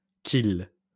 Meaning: contraction of que + il
- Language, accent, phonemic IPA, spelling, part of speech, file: French, France, /k‿il/, qu'il, contraction, LL-Q150 (fra)-qu'il.wav